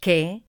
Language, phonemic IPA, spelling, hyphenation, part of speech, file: Galician, /kɪ/, que, que, conjunction / adjective / adverb / pronoun / noun, Gl-que.ogg
- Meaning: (conjunction) 1. that 2. than (used in comparisons, to introduce the basis of comparison); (adjective) what; which (interrogative only); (adverb) how; what (comparative)